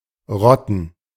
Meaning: 1. To rot, to decay 2. alternative form of roden (“to clear woods, to make arable”) 3. To form into a gang, to rout, squad
- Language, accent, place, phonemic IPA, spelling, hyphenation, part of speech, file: German, Germany, Berlin, /ˈrɔtən/, rotten, rot‧ten, verb, De-rotten.ogg